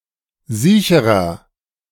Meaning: inflection of siech: 1. strong/mixed nominative masculine singular comparative degree 2. strong genitive/dative feminine singular comparative degree 3. strong genitive plural comparative degree
- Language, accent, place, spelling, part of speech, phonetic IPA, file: German, Germany, Berlin, siecherer, adjective, [ˈziːçəʁɐ], De-siecherer.ogg